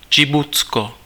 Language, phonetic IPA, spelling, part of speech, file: Czech, [ˈdʒɪbutsko], Džibutsko, proper noun, Cs-Džibutsko.ogg
- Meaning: Djibouti (a country in East Africa)